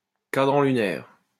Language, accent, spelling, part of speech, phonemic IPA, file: French, France, cadran lunaire, noun, /ka.dʁɑ̃ ly.nɛʁ/, LL-Q150 (fra)-cadran lunaire.wav
- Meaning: moondial (instrument for telling time)